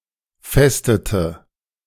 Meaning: inflection of festen: 1. first/third-person singular preterite 2. first/third-person singular subjunctive II
- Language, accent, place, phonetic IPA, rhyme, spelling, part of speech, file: German, Germany, Berlin, [ˈfɛstətə], -ɛstətə, festete, verb, De-festete.ogg